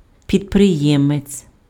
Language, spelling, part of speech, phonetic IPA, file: Ukrainian, підприємець, noun, [pʲidpreˈjɛmet͡sʲ], Uk-підприємець.ogg
- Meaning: entrepreneur